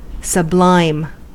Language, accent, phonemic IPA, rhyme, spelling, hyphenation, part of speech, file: English, General American, /səˈblaɪm/, -aɪm, sublime, sub‧lime, verb / adjective / noun, En-us-sublime.ogg